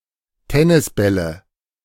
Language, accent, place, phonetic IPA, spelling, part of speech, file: German, Germany, Berlin, [ˈtɛnɪsˌbɛlə], Tennisbälle, noun, De-Tennisbälle.ogg
- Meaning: nominative/accusative/genitive plural of Tennisball